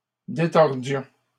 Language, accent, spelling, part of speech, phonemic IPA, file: French, Canada, détordions, verb, /de.tɔʁ.djɔ̃/, LL-Q150 (fra)-détordions.wav
- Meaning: inflection of détordre: 1. first-person plural imperfect indicative 2. first-person plural present subjunctive